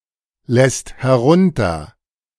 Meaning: second-person singular present of herunterlassen
- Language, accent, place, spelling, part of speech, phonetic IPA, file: German, Germany, Berlin, lässt herunter, verb, [ˌlɛst hɛˈʁʊntɐ], De-lässt herunter.ogg